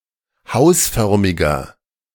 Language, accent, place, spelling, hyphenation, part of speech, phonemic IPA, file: German, Germany, Berlin, hausförmiger, haus‧för‧mi‧ger, adjective, /ˈhaʊ̯sˌfœʁmɪɡɐ/, De-hausförmiger.ogg
- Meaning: inflection of hausförmig: 1. strong/mixed nominative masculine singular 2. strong genitive/dative feminine singular 3. strong genitive plural